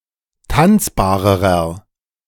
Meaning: inflection of tanzbar: 1. strong/mixed nominative masculine singular comparative degree 2. strong genitive/dative feminine singular comparative degree 3. strong genitive plural comparative degree
- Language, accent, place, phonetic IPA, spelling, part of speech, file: German, Germany, Berlin, [ˈtant͡sbaːʁəʁɐ], tanzbarerer, adjective, De-tanzbarerer.ogg